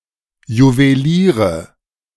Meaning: nominative/accusative/genitive plural of Juwelier
- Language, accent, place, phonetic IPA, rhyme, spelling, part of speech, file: German, Germany, Berlin, [juveˈliːʁə], -iːʁə, Juweliere, noun, De-Juweliere.ogg